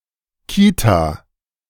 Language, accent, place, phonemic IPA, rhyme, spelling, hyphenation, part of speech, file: German, Germany, Berlin, /ˈkiːta/, -iːta, Kita, Ki‧ta, noun, De-Kita.ogg
- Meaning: day care center